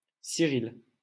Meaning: a male given name from Ancient Greek, variant of Cyrille
- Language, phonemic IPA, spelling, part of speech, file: French, /si.ʁil/, Cyril, proper noun, LL-Q150 (fra)-Cyril.wav